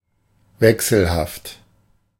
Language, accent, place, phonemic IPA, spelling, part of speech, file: German, Germany, Berlin, /ˈvɛksl̩ˌhaft/, wechselhaft, adjective, De-wechselhaft.ogg
- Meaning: 1. changeable, variable 2. fickle 3. unstable, unsteady (of weather)